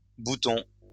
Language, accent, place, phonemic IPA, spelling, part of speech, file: French, France, Lyon, /bu.tɔ̃/, boutons, noun, LL-Q150 (fra)-boutons.wav
- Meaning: plural of bouton